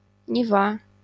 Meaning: Neva (a river in Russia) (the river on which the Saint Petersburg city is placed)
- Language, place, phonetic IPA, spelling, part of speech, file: Russian, Saint Petersburg, [nʲɪˈva], Нева, proper noun, LL-Q7737 (rus)-Нева.wav